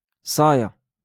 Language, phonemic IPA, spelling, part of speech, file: Moroccan Arabic, /sˤaː.ja/, صاية, noun, LL-Q56426 (ary)-صاية.wav
- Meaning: skirt